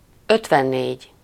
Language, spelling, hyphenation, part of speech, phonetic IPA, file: Hungarian, ötvennégy, öt‧ven‧négy, numeral, [ˈøtvɛnːeːɟ], Hu-ötvennégy.ogg
- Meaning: fifty-four